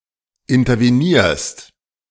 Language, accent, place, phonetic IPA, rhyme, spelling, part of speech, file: German, Germany, Berlin, [ɪntɐveˈniːɐ̯st], -iːɐ̯st, intervenierst, verb, De-intervenierst.ogg
- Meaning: second-person singular present of intervenieren